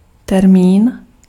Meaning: 1. date 2. deadline 3. term (word or phrase, especially one from a specialised area of knowledge)
- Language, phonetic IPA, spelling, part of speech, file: Czech, [ˈtɛrmiːn], termín, noun, Cs-termín.ogg